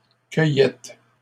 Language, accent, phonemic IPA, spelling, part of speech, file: French, Canada, /kœ.jɛt/, cueillettes, noun, LL-Q150 (fra)-cueillettes.wav
- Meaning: plural of cueillette